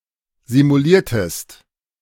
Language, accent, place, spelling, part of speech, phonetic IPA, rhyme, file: German, Germany, Berlin, simuliertest, verb, [zimuˈliːɐ̯təst], -iːɐ̯təst, De-simuliertest.ogg
- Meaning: inflection of simulieren: 1. second-person singular preterite 2. second-person singular subjunctive II